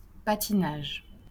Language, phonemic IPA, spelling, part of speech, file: French, /pa.ti.naʒ/, patinage, noun, LL-Q150 (fra)-patinage.wav
- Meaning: 1. skating: ice-skating 2. skating: roller skating 3. loss of traction (of a motor vehicle)